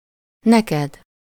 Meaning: second-person singular of neki: to/for you
- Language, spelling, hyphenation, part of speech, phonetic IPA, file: Hungarian, neked, ne‧ked, pronoun, [ˈnɛkɛd], Hu-neked.ogg